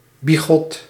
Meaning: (adjective) 1. holier-than-thou, excessively pious 2. sanctimonious; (noun) a holier-than-thou person, an extremely pious person
- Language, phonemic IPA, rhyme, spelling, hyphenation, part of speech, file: Dutch, /biˈɣɔt/, -ɔt, bigot, bi‧got, adjective / noun, Nl-bigot.ogg